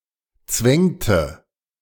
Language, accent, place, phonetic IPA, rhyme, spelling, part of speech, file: German, Germany, Berlin, [ˈt͡svɛŋtə], -ɛŋtə, zwängte, verb, De-zwängte.ogg
- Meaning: inflection of zwängen: 1. first/third-person singular preterite 2. first/third-person singular subjunctive II